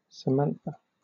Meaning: A female given name from Hebrew
- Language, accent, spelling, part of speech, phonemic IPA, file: English, Southern England, Samantha, proper noun, /səˈmænθə/, LL-Q1860 (eng)-Samantha.wav